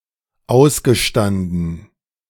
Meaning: past participle of ausstehen
- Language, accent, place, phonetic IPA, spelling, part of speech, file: German, Germany, Berlin, [ˈaʊ̯sɡəˌʃtandn̩], ausgestanden, verb, De-ausgestanden.ogg